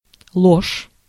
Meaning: 1. lie, falsehood 2. false
- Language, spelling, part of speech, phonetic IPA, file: Russian, ложь, noun, [ɫoʂ], Ru-ложь.ogg